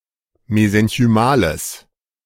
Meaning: strong/mixed nominative/accusative neuter singular of mesenchymal
- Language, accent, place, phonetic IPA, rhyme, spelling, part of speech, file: German, Germany, Berlin, [mezɛnçyˈmaːləs], -aːləs, mesenchymales, adjective, De-mesenchymales.ogg